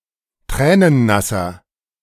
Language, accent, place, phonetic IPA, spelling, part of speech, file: German, Germany, Berlin, [ˈtʁɛːnənˌnasɐ], tränennasser, adjective, De-tränennasser.ogg
- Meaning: inflection of tränennass: 1. strong/mixed nominative masculine singular 2. strong genitive/dative feminine singular 3. strong genitive plural